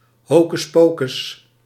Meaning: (noun) hocus-pocus
- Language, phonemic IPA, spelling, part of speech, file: Dutch, /ˌhokʏsˈpokʏs/, hocus pocus, noun / interjection, Nl-hocus pocus.ogg